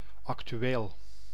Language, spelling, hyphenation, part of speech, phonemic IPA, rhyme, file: Dutch, actueel, ac‧tu‧eel, adjective, /ɑk.tyˈ(ʋ)eːl/, -eːl, Nl-actueel.ogg
- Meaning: current, present